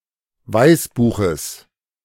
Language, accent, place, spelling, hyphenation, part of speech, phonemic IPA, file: German, Germany, Berlin, Weißbuches, Weiß‧bu‧ches, noun, /ˈvaɪ̯sˌbuːxəs/, De-Weißbuches.ogg
- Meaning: genitive singular of Weißbuch